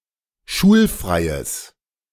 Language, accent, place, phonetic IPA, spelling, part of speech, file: German, Germany, Berlin, [ˈʃuːlˌfʁaɪ̯əs], schulfreies, adjective, De-schulfreies.ogg
- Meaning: strong/mixed nominative/accusative neuter singular of schulfrei